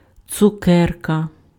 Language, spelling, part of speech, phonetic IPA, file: Ukrainian, цукерка, noun, [t͡sʊˈkɛrkɐ], Uk-цукерка.ogg
- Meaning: candy; sweet